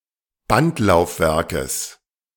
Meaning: genitive singular of Bandlaufwerk
- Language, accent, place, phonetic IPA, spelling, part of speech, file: German, Germany, Berlin, [ˈbantlaʊ̯fˌvɛʁkəs], Bandlaufwerkes, noun, De-Bandlaufwerkes.ogg